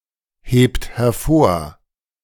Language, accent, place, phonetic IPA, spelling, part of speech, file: German, Germany, Berlin, [ˌheːpt hɛɐ̯ˈfoːɐ̯], hebt hervor, verb, De-hebt hervor.ogg
- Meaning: inflection of hervorheben: 1. third-person singular present 2. second-person plural present 3. plural imperative